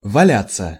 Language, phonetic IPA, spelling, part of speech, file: Russian, [vɐˈlʲat͡sːə], валяться, verb, Ru-валяться.ogg
- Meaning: 1. to roll around, to roll from side to side; to wallow 2. to lie about (idly or as a result of being sick; regularly, periodically or for some amount of time)